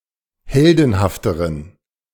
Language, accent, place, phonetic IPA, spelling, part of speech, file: German, Germany, Berlin, [ˈhɛldn̩haftəʁən], heldenhafteren, adjective, De-heldenhafteren.ogg
- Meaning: inflection of heldenhaft: 1. strong genitive masculine/neuter singular comparative degree 2. weak/mixed genitive/dative all-gender singular comparative degree